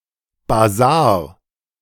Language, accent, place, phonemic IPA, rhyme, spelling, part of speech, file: German, Germany, Berlin, /baˈzaːɐ̯/, -aːɐ̯, Basar, noun, De-Basar.ogg
- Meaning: bazaar